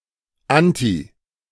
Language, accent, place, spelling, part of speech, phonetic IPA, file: German, Germany, Berlin, anti-, prefix, [ˈanti], De-anti-.ogg
- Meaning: anti-